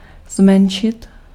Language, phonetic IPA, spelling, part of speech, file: Czech, [ˈzmɛnʃɪt], zmenšit, verb, Cs-zmenšit.ogg
- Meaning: 1. to diminish, to make smaller 2. to diminish, to become smaller